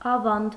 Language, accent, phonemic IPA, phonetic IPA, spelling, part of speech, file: Armenian, Eastern Armenian, /ɑˈvɑnd/, [ɑvɑ́nd], ավանդ, noun, Hy-ավանդ.ogg
- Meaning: 1. contribution 2. deposit 3. tradition